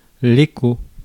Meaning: 1. echo (a reflected sound that is heard again by its initial observer) 2. rumour
- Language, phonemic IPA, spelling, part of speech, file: French, /e.ko/, écho, noun, Fr-écho.ogg